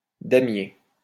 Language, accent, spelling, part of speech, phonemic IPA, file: French, France, damier, noun, /da.mje/, LL-Q150 (fra)-damier.wav
- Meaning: draughtboard (UK), checkerboard (US)